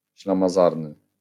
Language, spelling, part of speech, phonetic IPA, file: Polish, ślamazarny, adjective, [ˌɕlãmaˈzarnɨ], LL-Q809 (pol)-ślamazarny.wav